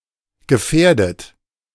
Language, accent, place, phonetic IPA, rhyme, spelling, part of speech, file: German, Germany, Berlin, [ɡəˈfɛːɐ̯dət], -ɛːɐ̯dət, gefährdet, adjective / verb, De-gefährdet.ogg
- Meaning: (verb) past participle of gefährden; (adjective) at risk, endangered, vulnerable, susceptible; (verb) inflection of gefährden: 1. third-person singular present 2. second-person plural present